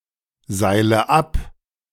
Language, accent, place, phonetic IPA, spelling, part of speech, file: German, Germany, Berlin, [ˌzaɪ̯lə ˈap], seile ab, verb, De-seile ab.ogg
- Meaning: inflection of abseilen: 1. first-person singular present 2. first/third-person singular subjunctive I 3. singular imperative